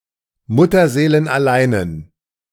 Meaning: inflection of mutterseelenallein: 1. strong genitive masculine/neuter singular 2. weak/mixed genitive/dative all-gender singular 3. strong/weak/mixed accusative masculine singular
- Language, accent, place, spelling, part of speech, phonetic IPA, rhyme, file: German, Germany, Berlin, mutterseelenalleinen, adjective, [ˌmʊtɐzeːlənʔaˈlaɪ̯nən], -aɪ̯nən, De-mutterseelenalleinen.ogg